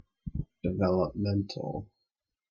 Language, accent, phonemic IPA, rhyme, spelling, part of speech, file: English, Canada, /dɪˌvɛləpˈmɛntəl/, -ɛntəl, developmental, adjective / noun, En-ca-developmental.ogg
- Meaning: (adjective) Related to development; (noun) A trainee flight controller